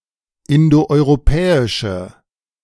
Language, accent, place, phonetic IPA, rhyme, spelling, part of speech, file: German, Germany, Berlin, [ˌɪndoʔɔɪ̯ʁoˈpɛːɪʃə], -ɛːɪʃə, indoeuropäische, adjective, De-indoeuropäische.ogg
- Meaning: inflection of indoeuropäisch: 1. strong/mixed nominative/accusative feminine singular 2. strong nominative/accusative plural 3. weak nominative all-gender singular